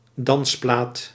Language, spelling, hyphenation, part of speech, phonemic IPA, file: Dutch, dansplaat, dans‧plaat, noun, /ˈdɑnsplaːt/, Nl-dansplaat.ogg
- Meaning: a record or CD that contains music suitable for dancing